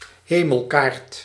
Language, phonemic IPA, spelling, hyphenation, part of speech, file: Dutch, /ˈɦeː.məlˌkaːrt/, hemelkaart, he‧mel‧kaart, noun, Nl-hemelkaart.ogg
- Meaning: star map